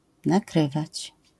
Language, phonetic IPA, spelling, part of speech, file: Polish, [naˈkrɨvat͡ɕ], nakrywać, verb, LL-Q809 (pol)-nakrywać.wav